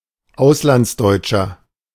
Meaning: 1. German living abroad (male or unspecified; German outside Germany) 2. inflection of Auslandsdeutsche: strong genitive/dative singular 3. inflection of Auslandsdeutsche: strong genitive plural
- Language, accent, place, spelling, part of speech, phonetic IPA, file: German, Germany, Berlin, Auslandsdeutscher, noun, [ˈaʊ̯slant͡sˌdɔɪ̯t͡ʃɐ], De-Auslandsdeutscher.ogg